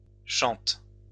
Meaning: second-person singular present indicative/subjunctive of chanter
- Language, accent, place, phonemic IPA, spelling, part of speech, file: French, France, Lyon, /ʃɑ̃t/, chantes, verb, LL-Q150 (fra)-chantes.wav